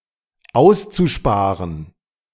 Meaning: zu-infinitive of aussparen
- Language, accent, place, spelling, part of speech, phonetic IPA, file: German, Germany, Berlin, auszusparen, verb, [ˈaʊ̯st͡suˌʃpaːʁən], De-auszusparen.ogg